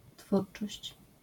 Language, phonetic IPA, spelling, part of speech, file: Polish, [ˈtfurt͡ʃɔɕt͡ɕ], twórczość, noun, LL-Q809 (pol)-twórczość.wav